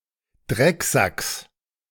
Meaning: genitive singular of Drecksack
- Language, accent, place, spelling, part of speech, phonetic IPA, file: German, Germany, Berlin, Drecksacks, noun, [ˈdʁɛkˌzaks], De-Drecksacks.ogg